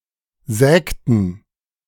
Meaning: inflection of sägen: 1. first/third-person plural preterite 2. first/third-person plural subjunctive II
- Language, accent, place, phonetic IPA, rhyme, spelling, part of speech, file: German, Germany, Berlin, [ˈzɛːktn̩], -ɛːktn̩, sägten, verb, De-sägten.ogg